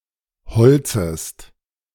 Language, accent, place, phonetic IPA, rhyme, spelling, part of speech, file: German, Germany, Berlin, [bəˈt͡søːɡə], -øːɡə, bezöge, verb, De-bezöge.ogg
- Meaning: first/third-person singular subjunctive II of beziehen